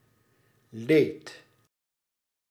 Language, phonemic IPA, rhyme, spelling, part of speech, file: Dutch, /leːt/, -eːt, leed, noun / adjective / verb, Nl-leed.ogg
- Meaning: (noun) 1. grief, sorrow, anguish 2. harm; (adjective) 1. angry 2. sad; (verb) singular past indicative of lijden